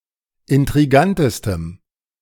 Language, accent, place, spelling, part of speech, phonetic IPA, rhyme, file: German, Germany, Berlin, intrigantestem, adjective, [ɪntʁiˈɡantəstəm], -antəstəm, De-intrigantestem.ogg
- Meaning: strong dative masculine/neuter singular superlative degree of intrigant